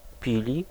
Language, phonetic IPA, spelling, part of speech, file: Polish, [ˈpʲilʲi], pili, noun / verb, Pl-pili.ogg